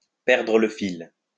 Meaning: to lose the thread
- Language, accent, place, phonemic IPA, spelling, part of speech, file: French, France, Lyon, /pɛʁ.dʁə l(ə) fil/, perdre le fil, verb, LL-Q150 (fra)-perdre le fil.wav